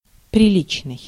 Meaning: 1. decent, proper, respectable 2. suitable, in accordance 3. quite significant, rather large
- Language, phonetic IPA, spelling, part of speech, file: Russian, [prʲɪˈlʲit͡ɕnɨj], приличный, adjective, Ru-приличный.ogg